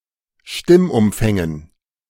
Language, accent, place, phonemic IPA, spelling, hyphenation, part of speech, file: German, Germany, Berlin, /ˈʃtɪmʔʊmˌfɛŋən/, Stimmumfängen, Stimm‧um‧fän‧gen, noun, De-Stimmumfängen.ogg
- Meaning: dative plural of Stimmumfang